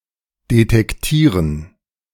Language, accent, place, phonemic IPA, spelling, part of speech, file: German, Germany, Berlin, /detɛkˈtiːʁən/, detektieren, verb, De-detektieren.ogg
- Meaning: to detect